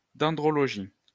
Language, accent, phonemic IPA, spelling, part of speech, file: French, France, /dɑ̃.dʁɔ.lɔ.ʒi/, dendrologie, noun, LL-Q150 (fra)-dendrologie.wav
- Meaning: dendrology (the study of trees and other woody plants)